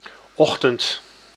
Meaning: morning
- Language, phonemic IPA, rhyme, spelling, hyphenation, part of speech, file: Dutch, /ˈɔx.tənt/, -ɔxtənt, ochtend, och‧tend, noun, Nl-ochtend.ogg